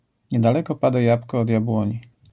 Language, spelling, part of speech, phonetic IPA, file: Polish, niedaleko pada jabłko od jabłoni, proverb, [ˌɲɛdaˈlɛkɔ ˈpada ˈjapw̥kɔ ˌːdʲ‿jabˈwɔ̃ɲi], LL-Q809 (pol)-niedaleko pada jabłko od jabłoni.wav